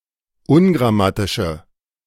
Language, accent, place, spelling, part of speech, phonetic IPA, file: German, Germany, Berlin, ungrammatische, adjective, [ˈʊnɡʁaˌmatɪʃə], De-ungrammatische.ogg
- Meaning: inflection of ungrammatisch: 1. strong/mixed nominative/accusative feminine singular 2. strong nominative/accusative plural 3. weak nominative all-gender singular